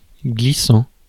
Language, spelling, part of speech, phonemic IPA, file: French, glissant, verb / adjective, /ɡli.sɑ̃/, Fr-glissant.ogg
- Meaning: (verb) present participle of glisser; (adjective) slippery (which tends to cause slipping)